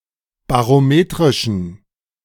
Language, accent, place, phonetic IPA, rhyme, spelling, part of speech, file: German, Germany, Berlin, [baʁoˈmeːtʁɪʃn̩], -eːtʁɪʃn̩, barometrischen, adjective, De-barometrischen.ogg
- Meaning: inflection of barometrisch: 1. strong genitive masculine/neuter singular 2. weak/mixed genitive/dative all-gender singular 3. strong/weak/mixed accusative masculine singular 4. strong dative plural